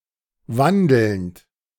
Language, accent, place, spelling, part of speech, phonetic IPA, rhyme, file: German, Germany, Berlin, wandelnd, verb, [ˈvandl̩nt], -andl̩nt, De-wandelnd.ogg
- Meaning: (verb) present participle of wandeln; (adjective) walking (heavily characterized by a given trait)